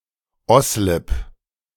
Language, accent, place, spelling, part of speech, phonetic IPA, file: German, Germany, Berlin, Oslip, proper noun, [ˈɔslɪp], De-Oslip.ogg
- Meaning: a municipality of Burgenland, Austria